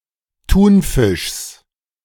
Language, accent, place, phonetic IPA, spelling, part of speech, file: German, Germany, Berlin, [ˈtuːnˌfɪʃs], Thunfischs, noun, De-Thunfischs.ogg
- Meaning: genitive singular of Thunfisch